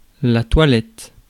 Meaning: 1. toilet 2. the toilet, lavatory 3. routine of grooming or cleaning
- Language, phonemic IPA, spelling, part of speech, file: French, /twa.lɛt/, toilette, noun, Fr-toilette.ogg